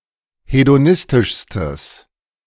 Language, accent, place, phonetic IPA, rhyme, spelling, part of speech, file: German, Germany, Berlin, [hedoˈnɪstɪʃstəs], -ɪstɪʃstəs, hedonistischstes, adjective, De-hedonistischstes.ogg
- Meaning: strong/mixed nominative/accusative neuter singular superlative degree of hedonistisch